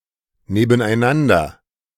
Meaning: next to each other
- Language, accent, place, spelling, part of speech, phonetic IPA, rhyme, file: German, Germany, Berlin, nebeneinander, adverb, [neːbn̩ʔaɪ̯ˈnandɐ], -andɐ, De-nebeneinander.ogg